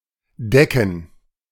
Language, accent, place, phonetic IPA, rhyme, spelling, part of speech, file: German, Germany, Berlin, [ˈdɛkn̩], -ɛkn̩, Decken, noun, De-Decken.ogg
- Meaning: plural of Decke